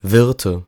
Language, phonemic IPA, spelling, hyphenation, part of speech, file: German, /ˈvɪʁtə/, Wirte, Wir‧te, noun, De-Wirte.ogg
- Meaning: nominative/accusative/genitive plural of Wirt